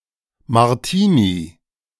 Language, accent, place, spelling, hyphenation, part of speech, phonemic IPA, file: German, Germany, Berlin, Martini, Mar‧ti‧ni, noun, /maʁˈtiːni/, De-Martini.ogg
- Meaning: 1. martini (cocktail) 2. Martinmas (feast day of St Martin of Tours)